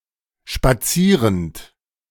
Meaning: present participle of spazieren
- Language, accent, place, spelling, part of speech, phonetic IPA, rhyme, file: German, Germany, Berlin, spazierend, verb, [ʃpaˈt͡siːʁənt], -iːʁənt, De-spazierend.ogg